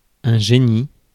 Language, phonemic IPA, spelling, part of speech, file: French, /ʒe.ni/, génie, noun, Fr-génie.ogg
- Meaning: 1. genie 2. genius 3. guardian spirit 4. engineering